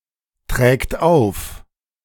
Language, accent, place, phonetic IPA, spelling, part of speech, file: German, Germany, Berlin, [tʁɛːkt ˈaʊ̯f], trägt auf, verb, De-trägt auf.ogg
- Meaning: third-person singular present of auftragen